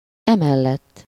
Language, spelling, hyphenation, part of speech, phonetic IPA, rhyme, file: Hungarian, emellett, emel‧lett, adverb, [ˈɛmɛlːɛtː], -ɛtː, Hu-emellett.ogg
- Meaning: 1. besides, in addition, moreover, also (in addition to what has been said) 2. supported by (in favor of, supporting the thing, person, etc. specified in what has been said)